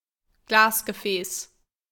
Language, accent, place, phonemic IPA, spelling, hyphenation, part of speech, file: German, Germany, Berlin, /ˈɡlaːsɡəˌfɛːs/, Glasgefäß, Glas‧ge‧fäß, noun, De-Glasgefäß.ogg
- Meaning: glass vessel, glass jar, glassware (a vessel made of glass)